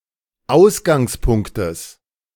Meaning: genitive singular of Ausgangspunkt
- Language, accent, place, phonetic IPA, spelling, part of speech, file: German, Germany, Berlin, [ˈaʊ̯sɡaŋsˌpʊŋktəs], Ausgangspunktes, noun, De-Ausgangspunktes.ogg